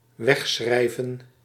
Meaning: to write data to long-term storage (e.g. a hard disk)
- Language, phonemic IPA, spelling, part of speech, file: Dutch, /ˈʋɛxsxrɛi̯və(n)/, wegschrijven, verb, Nl-wegschrijven.ogg